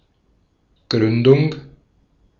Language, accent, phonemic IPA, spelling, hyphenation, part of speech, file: German, Austria, /ˈɡʁʏndʊŋ/, Gründung, Grün‧dung, noun, De-at-Gründung.ogg
- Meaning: foundation (act of founding)